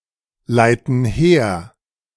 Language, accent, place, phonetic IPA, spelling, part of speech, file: German, Germany, Berlin, [ˌlaɪ̯tn̩ ˈheːɐ̯], leiten her, verb, De-leiten her.ogg
- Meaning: inflection of herleiten: 1. first/third-person plural present 2. first/third-person plural subjunctive I